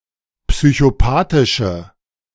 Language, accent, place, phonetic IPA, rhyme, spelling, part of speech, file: German, Germany, Berlin, [psyçoˈpaːtɪʃə], -aːtɪʃə, psychopathische, adjective, De-psychopathische.ogg
- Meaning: inflection of psychopathisch: 1. strong/mixed nominative/accusative feminine singular 2. strong nominative/accusative plural 3. weak nominative all-gender singular